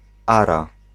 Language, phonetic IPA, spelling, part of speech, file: Polish, [ˈara], ara, noun, Pl-ara.ogg